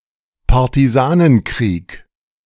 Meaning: guerrilla warfare
- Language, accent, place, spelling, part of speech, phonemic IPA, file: German, Germany, Berlin, Partisanenkrieg, noun, /paʁtiˈzaːnənˌkʁiːk/, De-Partisanenkrieg.ogg